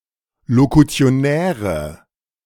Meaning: inflection of lokutionär: 1. strong/mixed nominative/accusative feminine singular 2. strong nominative/accusative plural 3. weak nominative all-gender singular
- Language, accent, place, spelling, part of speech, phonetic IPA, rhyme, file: German, Germany, Berlin, lokutionäre, adjective, [lokut͡si̯oˈnɛːʁə], -ɛːʁə, De-lokutionäre.ogg